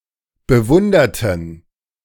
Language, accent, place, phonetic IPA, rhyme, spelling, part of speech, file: German, Germany, Berlin, [bəˈvʊndɐtn̩], -ʊndɐtn̩, bewunderten, adjective / verb, De-bewunderten.ogg
- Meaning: inflection of bewundert: 1. strong genitive masculine/neuter singular 2. weak/mixed genitive/dative all-gender singular 3. strong/weak/mixed accusative masculine singular 4. strong dative plural